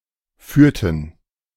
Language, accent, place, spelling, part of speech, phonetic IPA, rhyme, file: German, Germany, Berlin, führten, verb, [ˈfyːɐ̯tn̩], -yːɐ̯tn̩, De-führten.ogg
- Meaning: inflection of führen: 1. first/third-person plural preterite 2. first/third-person plural subjunctive II